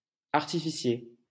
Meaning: 1. pyrotechnist 2. artificer
- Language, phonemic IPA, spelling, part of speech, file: French, /aʁ.ti.fi.sje/, artificier, noun, LL-Q150 (fra)-artificier.wav